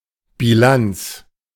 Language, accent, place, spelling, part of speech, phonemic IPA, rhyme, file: German, Germany, Berlin, Bilanz, noun, /biˈlant͡s/, -ants, De-Bilanz.ogg
- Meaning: 1. balance sheet, balance 2. result